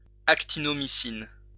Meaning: actinomycin
- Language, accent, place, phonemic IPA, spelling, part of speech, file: French, France, Lyon, /ak.ti.nɔ.mi.sin/, actinomycine, noun, LL-Q150 (fra)-actinomycine.wav